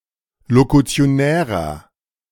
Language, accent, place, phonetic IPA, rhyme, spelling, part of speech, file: German, Germany, Berlin, [lokut͡si̯oˈnɛːʁɐ], -ɛːʁɐ, lokutionärer, adjective, De-lokutionärer.ogg
- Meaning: inflection of lokutionär: 1. strong/mixed nominative masculine singular 2. strong genitive/dative feminine singular 3. strong genitive plural